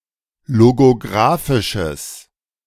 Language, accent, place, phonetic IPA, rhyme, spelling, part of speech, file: German, Germany, Berlin, [loɡoˈɡʁaːfɪʃəs], -aːfɪʃəs, logographisches, adjective, De-logographisches.ogg
- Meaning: strong/mixed nominative/accusative neuter singular of logographisch